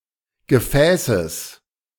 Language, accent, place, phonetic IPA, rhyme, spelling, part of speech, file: German, Germany, Berlin, [ɡəˈfɛːsəs], -ɛːsəs, Gefäßes, noun, De-Gefäßes.ogg
- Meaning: genitive singular of Gefäß